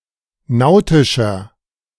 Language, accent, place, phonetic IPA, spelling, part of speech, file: German, Germany, Berlin, [ˈnaʊ̯tɪʃɐ], nautischer, adjective, De-nautischer.ogg
- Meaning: inflection of nautisch: 1. strong/mixed nominative masculine singular 2. strong genitive/dative feminine singular 3. strong genitive plural